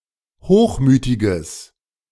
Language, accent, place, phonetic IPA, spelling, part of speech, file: German, Germany, Berlin, [ˈhoːxˌmyːtɪɡəs], hochmütiges, adjective, De-hochmütiges.ogg
- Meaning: strong/mixed nominative/accusative neuter singular of hochmütig